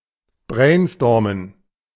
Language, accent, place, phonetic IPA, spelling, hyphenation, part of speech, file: German, Germany, Berlin, [ˈbʁɛɪ̯nˌstɔːmən], brainstormen, brain‧stor‧men, verb, De-brainstormen.ogg
- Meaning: to brainstorm